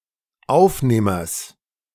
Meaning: genitive of Aufnehmer
- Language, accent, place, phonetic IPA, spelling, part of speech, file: German, Germany, Berlin, [ˈaʊ̯fˌneːmɐs], Aufnehmers, noun, De-Aufnehmers.ogg